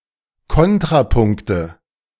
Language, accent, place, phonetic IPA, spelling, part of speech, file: German, Germany, Berlin, [ˈkɔntʁaˌpʊŋktə], Kontrapunkte, noun, De-Kontrapunkte.ogg
- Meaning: nominative/accusative/genitive plural of Kontrapunkt